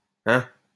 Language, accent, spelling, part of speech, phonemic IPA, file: French, France, hein, interjection, /ɛ̃/, LL-Q150 (fra)-hein.wav
- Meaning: huh, hey, eh